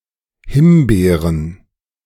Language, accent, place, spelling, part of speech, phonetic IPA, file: German, Germany, Berlin, Himbeeren, noun, [ˈhɪmˌbeːʁən], De-Himbeeren.ogg
- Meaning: plural of Himbeere (“raspberries”)